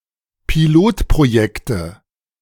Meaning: nominative/accusative/genitive plural of Pilotprojekt
- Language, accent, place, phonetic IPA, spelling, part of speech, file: German, Germany, Berlin, [piˈloːtpʁoˌjɛktə], Pilotprojekte, noun, De-Pilotprojekte.ogg